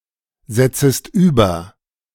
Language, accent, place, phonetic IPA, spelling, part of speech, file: German, Germany, Berlin, [ˌzɛt͡səst ˈyːbɐ], setzest über, verb, De-setzest über.ogg
- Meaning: second-person singular subjunctive I of übersetzen